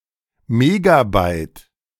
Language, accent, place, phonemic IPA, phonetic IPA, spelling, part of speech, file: German, Germany, Berlin, /ˈmeːɡaˌbaɪ̯t/, [ˈmɛɡaˌbaɪ̯t], Megabyte, noun, De-Megabyte.ogg
- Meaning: megabyte (10⁶ or 2²⁰ bytes)